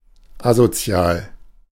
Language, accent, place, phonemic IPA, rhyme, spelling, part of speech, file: German, Germany, Berlin, /ˈazoˌtsjaːl/, -aːl, asozial, adjective, De-asozial.ogg
- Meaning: antisocial, asocial